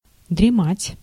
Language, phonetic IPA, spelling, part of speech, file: Russian, [drʲɪˈmatʲ], дремать, verb, Ru-дремать.ogg
- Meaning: to doze, to slumber, to drowse